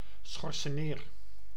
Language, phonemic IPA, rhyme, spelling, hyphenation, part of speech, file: Dutch, /ˌsxɔr.səˈneːr/, -eːr, schorseneer, schor‧se‧neer, noun, Nl-schorseneer.ogg
- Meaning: 1. salsify, used for plants of the genera Tragopon and Scorzonera 2. black salsify (Pseudopodospermum hispanicum, syn. Scorzonera hispanica), in particular its edible root